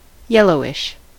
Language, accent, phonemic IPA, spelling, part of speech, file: English, US, /ˈjɛlɔʊɪʃ/, yellowish, adjective, En-us-yellowish.ogg
- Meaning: Somewhat yellow in colour